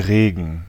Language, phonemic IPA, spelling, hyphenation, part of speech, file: German, /ˈʁeːɡən/, Regen, Re‧gen, noun / proper noun, De-Regen.ogg
- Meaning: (noun) rain; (proper noun) 1. a river in Bavaria 2. a town and rural district of the Lower Bavaria region, Bavaria, Germany 3. a surname transferred from the place name